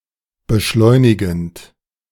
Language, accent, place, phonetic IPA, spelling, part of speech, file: German, Germany, Berlin, [bəˈʃlɔɪ̯nɪɡn̩t], beschleunigend, verb, De-beschleunigend.ogg
- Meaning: present participle of beschleunigen